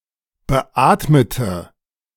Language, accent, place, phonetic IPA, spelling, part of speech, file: German, Germany, Berlin, [bəˈʔaːtmətə], beatmete, adjective / verb, De-beatmete.ogg
- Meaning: inflection of beatmet: 1. strong/mixed nominative/accusative feminine singular 2. strong nominative/accusative plural 3. weak nominative all-gender singular 4. weak accusative feminine/neuter singular